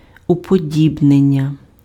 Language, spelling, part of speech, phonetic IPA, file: Ukrainian, уподібнення, noun, [ʊpoˈdʲibnenʲːɐ], Uk-уподібнення.ogg
- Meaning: 1. verbal noun of уподі́бнити pf (upodíbnyty) and уподі́бнитися pf (upodíbnytysja) 2. simile 3. synonym of асиміля́ція f (asymiljácija, “assimilation”)